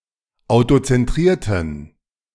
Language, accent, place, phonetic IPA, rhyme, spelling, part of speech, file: German, Germany, Berlin, [aʊ̯tot͡sɛnˈtʁiːɐ̯tn̩], -iːɐ̯tn̩, autozentrierten, adjective, De-autozentrierten.ogg
- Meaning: inflection of autozentriert: 1. strong genitive masculine/neuter singular 2. weak/mixed genitive/dative all-gender singular 3. strong/weak/mixed accusative masculine singular 4. strong dative plural